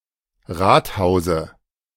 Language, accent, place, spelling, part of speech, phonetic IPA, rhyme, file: German, Germany, Berlin, Rathause, noun, [ˈʁaːtˌhaʊ̯zə], -aːthaʊ̯zə, De-Rathause.ogg
- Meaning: dative of Rathaus